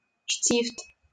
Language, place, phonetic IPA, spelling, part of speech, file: Russian, Saint Petersburg, [ʂtʲift], штифт, noun, LL-Q7737 (rus)-штифт.wav
- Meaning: A small round pin, a dowel installed to keep two pieces in position